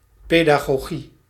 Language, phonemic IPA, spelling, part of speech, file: Dutch, /ˌpedaɣoˈɣi/, pedagogie, noun, Nl-pedagogie.ogg
- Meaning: pedagogy